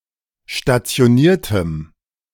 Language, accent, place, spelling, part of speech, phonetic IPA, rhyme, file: German, Germany, Berlin, stationiertem, adjective, [ʃtat͡si̯oˈniːɐ̯təm], -iːɐ̯təm, De-stationiertem.ogg
- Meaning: strong dative masculine/neuter singular of stationiert